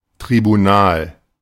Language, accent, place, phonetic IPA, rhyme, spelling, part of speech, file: German, Germany, Berlin, [tʁibuˈnaːl], -aːl, Tribunal, noun, De-Tribunal.ogg
- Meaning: 1. an assembly of one or more judges to conduct judicial business 2. a court, especially one set up to hold a trial against a certain crime or group of crimes 3. the seat of a judge